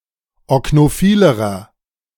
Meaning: inflection of oknophil: 1. strong/mixed nominative masculine singular comparative degree 2. strong genitive/dative feminine singular comparative degree 3. strong genitive plural comparative degree
- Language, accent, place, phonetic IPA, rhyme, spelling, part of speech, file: German, Germany, Berlin, [ɔknoˈfiːləʁɐ], -iːləʁɐ, oknophilerer, adjective, De-oknophilerer.ogg